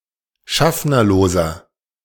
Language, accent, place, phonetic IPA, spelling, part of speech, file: German, Germany, Berlin, [ˈʃafnɐloːzɐ], schaffnerloser, adjective, De-schaffnerloser.ogg
- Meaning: inflection of schaffnerlos: 1. strong/mixed nominative masculine singular 2. strong genitive/dative feminine singular 3. strong genitive plural